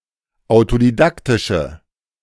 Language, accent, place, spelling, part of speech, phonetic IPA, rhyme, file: German, Germany, Berlin, autodidaktische, adjective, [aʊ̯todiˈdaktɪʃə], -aktɪʃə, De-autodidaktische.ogg
- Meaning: inflection of autodidaktisch: 1. strong/mixed nominative/accusative feminine singular 2. strong nominative/accusative plural 3. weak nominative all-gender singular